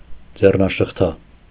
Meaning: handcuff
- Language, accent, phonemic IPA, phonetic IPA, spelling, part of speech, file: Armenian, Eastern Armenian, /d͡zernɑʃəχˈtʰɑ/, [d͡zernɑʃəχtʰɑ́], ձեռնաշղթա, noun, Hy-ձեռնաշղթա.ogg